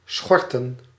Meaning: plural of schort
- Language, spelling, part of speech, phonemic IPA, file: Dutch, schorten, verb / noun, /ˈsxɔrtə(n)/, Nl-schorten.ogg